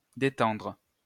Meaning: 1. to relax 2. to help relax, to calm 3. to loosen, to untighten 4. to remove or pull down something hung
- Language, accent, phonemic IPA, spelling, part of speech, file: French, France, /de.tɑ̃dʁ/, détendre, verb, LL-Q150 (fra)-détendre.wav